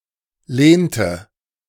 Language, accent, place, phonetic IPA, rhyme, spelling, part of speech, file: German, Germany, Berlin, [ˈleːntə], -eːntə, lehnte, verb, De-lehnte.ogg
- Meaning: inflection of lehnen: 1. first/third-person singular preterite 2. first/third-person singular subjunctive II